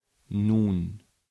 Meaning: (adverb) 1. now, at this moment 2. now, then; expressing a logical or temporal consequence 3. unstressed and expletive, used for minor emphasis; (interjection) now, well, so
- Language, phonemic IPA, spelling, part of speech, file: German, /nuːn/, nun, adverb / interjection / conjunction, De-nun.ogg